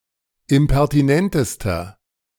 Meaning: inflection of impertinent: 1. strong/mixed nominative masculine singular superlative degree 2. strong genitive/dative feminine singular superlative degree 3. strong genitive plural superlative degree
- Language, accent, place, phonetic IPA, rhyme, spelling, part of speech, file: German, Germany, Berlin, [ɪmpɛʁtiˈnɛntəstɐ], -ɛntəstɐ, impertinentester, adjective, De-impertinentester.ogg